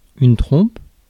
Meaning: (noun) 1. trumpet 2. trunk of an elephant 3. squinch; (verb) inflection of tromper: 1. first/third-person singular present indicative/subjunctive 2. second-person singular imperative
- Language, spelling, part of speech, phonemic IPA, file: French, trompe, noun / verb, /tʁɔ̃p/, Fr-trompe.ogg